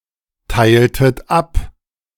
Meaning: inflection of abteilen: 1. second-person plural preterite 2. second-person plural subjunctive II
- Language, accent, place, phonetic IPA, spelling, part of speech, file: German, Germany, Berlin, [ˌtaɪ̯ltət ˈap], teiltet ab, verb, De-teiltet ab.ogg